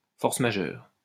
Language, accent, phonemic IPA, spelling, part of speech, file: French, France, /fɔʁ.s(ə) ma.ʒœʁ/, force majeure, noun, LL-Q150 (fra)-force majeure.wav
- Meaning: force majeure